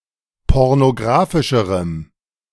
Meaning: strong dative masculine/neuter singular comparative degree of pornographisch
- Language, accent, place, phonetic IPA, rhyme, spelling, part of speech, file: German, Germany, Berlin, [ˌpɔʁnoˈɡʁaːfɪʃəʁəm], -aːfɪʃəʁəm, pornographischerem, adjective, De-pornographischerem.ogg